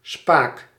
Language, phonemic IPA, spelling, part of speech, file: Dutch, /spak/, spaak, noun, Nl-spaak.ogg
- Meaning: 1. a spoke, part between the center and outer rim of a wheel etc 2. a boom or handle